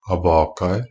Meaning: indefinite plural of abaca
- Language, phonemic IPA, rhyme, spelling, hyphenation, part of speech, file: Norwegian Bokmål, /aˈbɑːkaər/, -ər, abacaer, a‧ba‧ca‧er, noun, NB - Pronunciation of Norwegian Bokmål «abacaer».ogg